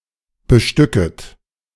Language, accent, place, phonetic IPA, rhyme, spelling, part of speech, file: German, Germany, Berlin, [bəˈʃtʏkət], -ʏkət, bestücket, verb, De-bestücket.ogg
- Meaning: second-person plural subjunctive I of bestücken